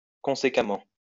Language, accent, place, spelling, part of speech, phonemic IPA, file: French, France, Lyon, conséquemment, adverb, /kɔ̃.se.ka.mɑ̃/, LL-Q150 (fra)-conséquemment.wav
- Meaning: consequentially; consequently